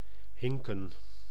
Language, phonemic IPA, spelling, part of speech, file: Dutch, /ɦɪŋkə(n)/, hinken, verb, Nl-hinken.ogg
- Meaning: to limp, to hobble (walk with difficulty due to injury)